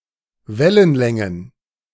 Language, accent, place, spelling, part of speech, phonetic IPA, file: German, Germany, Berlin, Wellenlängen, noun, [ˈvɛlənˌlɛŋən], De-Wellenlängen.ogg
- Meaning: plural of Wellenlänge